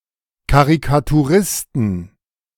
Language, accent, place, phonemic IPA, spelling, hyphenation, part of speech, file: German, Germany, Berlin, /kaʁikatuˈʁɪstn̩/, Karikaturisten, Ka‧ri‧ka‧tu‧ris‧ten, noun, De-Karikaturisten.ogg
- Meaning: 1. genitive singular of Karikaturist 2. plural of Karikaturist